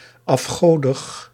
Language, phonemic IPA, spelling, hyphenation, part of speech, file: Dutch, /ˌɑfˈxoː.dəx/, afgodig, af‧go‧dig, adjective, Nl-afgodig.ogg
- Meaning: idolatrous